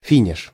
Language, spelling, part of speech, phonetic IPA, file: Russian, финиш, noun, [ˈfʲinʲɪʂ], Ru-финиш.ogg
- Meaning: finish (end of race, etc.)